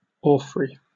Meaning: Any elaborate embroidery, especially when made of gold thread; an object (such as clothing or fabric) adorned with such embroidery
- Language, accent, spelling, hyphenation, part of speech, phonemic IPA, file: English, Received Pronunciation, orphrey, or‧phrey, noun, /ˈɔːfɹi/, En-uk-orphrey.oga